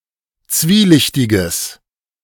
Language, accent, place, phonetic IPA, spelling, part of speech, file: German, Germany, Berlin, [ˈt͡sviːˌlɪçtɪɡəs], zwielichtiges, adjective, De-zwielichtiges.ogg
- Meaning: strong/mixed nominative/accusative neuter singular of zwielichtig